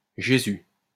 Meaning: Jesus
- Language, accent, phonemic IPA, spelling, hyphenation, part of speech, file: French, France, /ʒe.zy/, Jésus, Jé‧sus, proper noun, LL-Q150 (fra)-Jésus.wav